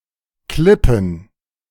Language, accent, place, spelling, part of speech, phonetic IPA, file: German, Germany, Berlin, Klippen, noun, [ˈklɪpm̩], De-Klippen.ogg
- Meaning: plural of Klippe